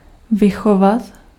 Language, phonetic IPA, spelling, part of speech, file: Czech, [ˈvɪxovat], vychovat, verb, Cs-vychovat.ogg
- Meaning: to bring up (UK), to raise (US), to rear